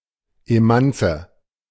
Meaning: women's libber
- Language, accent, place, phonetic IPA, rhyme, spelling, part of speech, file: German, Germany, Berlin, [eˈmant͡sə], -ant͡sə, Emanze, noun, De-Emanze.ogg